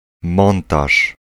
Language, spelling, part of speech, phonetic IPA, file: Polish, montaż, noun, [ˈmɔ̃ntaʃ], Pl-montaż.ogg